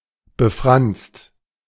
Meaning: fringed, befringed
- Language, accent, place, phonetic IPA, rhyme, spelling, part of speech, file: German, Germany, Berlin, [bəˈfʁanst], -anst, befranst, adjective / verb, De-befranst.ogg